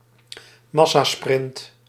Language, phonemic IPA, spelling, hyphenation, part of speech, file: Dutch, /ˈmɑ.saːˌsprɪnt/, massasprint, mas‧sa‧sprint, noun, Nl-massasprint.ogg
- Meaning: bunch sprint